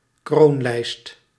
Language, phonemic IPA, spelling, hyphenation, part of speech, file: Dutch, /ˈkroːn.lɛi̯st/, kroonlijst, kroon‧lijst, noun, Nl-kroonlijst.ogg
- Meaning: cornice